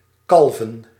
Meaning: 1. to calve 2. to give birth to a calf
- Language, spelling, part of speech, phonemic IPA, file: Dutch, kalven, verb, /ˈkɑl.və(n)/, Nl-kalven.ogg